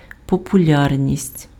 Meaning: popularity
- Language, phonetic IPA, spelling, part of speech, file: Ukrainian, [pɔpʊˈlʲarnʲisʲtʲ], популярність, noun, Uk-популярність.ogg